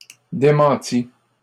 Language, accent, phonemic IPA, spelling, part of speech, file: French, Canada, /de.mɑ̃.ti/, démentis, verb, LL-Q150 (fra)-démentis.wav
- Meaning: 1. first/second-person singular past historic of démentir 2. masculine plural of démenti